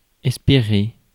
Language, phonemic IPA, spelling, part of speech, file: French, /ɛs.pe.ʁe/, espérer, verb, Fr-espérer.ogg
- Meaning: 1. to hope 2. to hope for 3. to have faith, to trust (with en (“in”)) 4. to wait